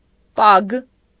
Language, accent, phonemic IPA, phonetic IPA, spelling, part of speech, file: Armenian, Eastern Armenian, /pɑkʰ/, [pɑkʰ], պագ, noun, Hy-պագ.ogg
- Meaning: kiss